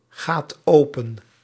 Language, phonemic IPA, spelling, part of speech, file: Dutch, /ˈɣat ˈopə(n)/, gaat open, verb, Nl-gaat open.ogg
- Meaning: inflection of opengaan: 1. second/third-person singular present indicative 2. plural imperative